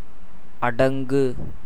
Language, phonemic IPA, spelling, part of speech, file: Tamil, /ɐɖɐŋɡɯ/, அடங்கு, verb, Ta-அடங்கு.ogg
- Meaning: 1. to obey, yield, submit, to be subdued 2. to contain oneself, control oneself 3. to shrink, become compressed 4. to cease 5. to settle, subside (as dust) 6. to disappear, set (as a heavenly body)